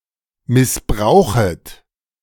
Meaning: second-person plural subjunctive I of missbrauchen
- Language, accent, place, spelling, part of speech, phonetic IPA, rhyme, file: German, Germany, Berlin, missbrauchet, verb, [mɪsˈbʁaʊ̯xət], -aʊ̯xət, De-missbrauchet.ogg